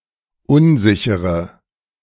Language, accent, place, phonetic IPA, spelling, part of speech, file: German, Germany, Berlin, [ˈʊnˌzɪçəʁə], unsichere, adjective, De-unsichere.ogg
- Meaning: inflection of unsicher: 1. strong/mixed nominative/accusative feminine singular 2. strong nominative/accusative plural 3. weak nominative all-gender singular